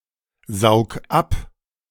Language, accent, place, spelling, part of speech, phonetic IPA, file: German, Germany, Berlin, saug ab, verb, [ˌzaʊ̯k ˈap], De-saug ab.ogg
- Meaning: 1. singular imperative of absaugen 2. first-person singular present of absaugen